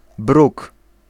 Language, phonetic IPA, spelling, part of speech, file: Polish, [bruk], bruk, noun, Pl-bruk.ogg